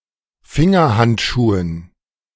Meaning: dative plural of Fingerhandschuh
- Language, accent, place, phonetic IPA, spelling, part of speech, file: German, Germany, Berlin, [ˈfɪŋɐˌhantʃuːən], Fingerhandschuhen, noun, De-Fingerhandschuhen.ogg